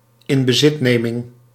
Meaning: taking possession of
- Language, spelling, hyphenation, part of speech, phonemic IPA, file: Dutch, inbezitneming, in‧be‧zit‧ne‧ming, noun, /ˌɪmbəˈzɪtnemɪŋ/, Nl-inbezitneming.ogg